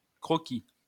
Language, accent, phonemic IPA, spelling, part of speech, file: French, France, /kʁɔ.ki/, croquis, noun, LL-Q150 (fra)-croquis.wav
- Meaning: sketch